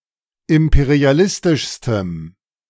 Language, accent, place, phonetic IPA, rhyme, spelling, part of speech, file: German, Germany, Berlin, [ˌɪmpeʁiaˈlɪstɪʃstəm], -ɪstɪʃstəm, imperialistischstem, adjective, De-imperialistischstem.ogg
- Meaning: strong dative masculine/neuter singular superlative degree of imperialistisch